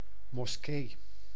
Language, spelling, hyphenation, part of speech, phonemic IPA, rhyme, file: Dutch, moskee, mos‧kee, noun, /mɔsˈkeː/, -eː, Nl-moskee.ogg
- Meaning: mosque